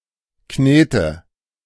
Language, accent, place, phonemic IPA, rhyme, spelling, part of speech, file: German, Germany, Berlin, /ˈkneːtə/, -eːtə, Knete, noun, De-Knete.ogg
- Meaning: 1. plasticine, modeling clay 2. money